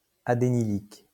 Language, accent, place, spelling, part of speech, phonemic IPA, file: French, France, Lyon, adénylique, adjective, /a.de.ni.lik/, LL-Q150 (fra)-adénylique.wav
- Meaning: adenylic